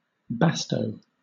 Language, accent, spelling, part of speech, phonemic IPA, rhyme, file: English, Southern England, basto, noun, /ˈbæstəʊ/, -æstəʊ, LL-Q1860 (eng)-basto.wav
- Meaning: A card of the suit clubs in Spanish-suited playing cards